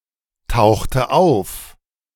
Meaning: inflection of auftauchen: 1. first/third-person singular preterite 2. first/third-person singular subjunctive II
- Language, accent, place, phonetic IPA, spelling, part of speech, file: German, Germany, Berlin, [ˌtaʊ̯xtə ˈaʊ̯f], tauchte auf, verb, De-tauchte auf.ogg